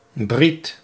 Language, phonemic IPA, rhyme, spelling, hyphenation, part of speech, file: Dutch, /brit/, -it, briet, briet, noun, Nl-briet.ogg
- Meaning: bris, Jewish circumcision ceremony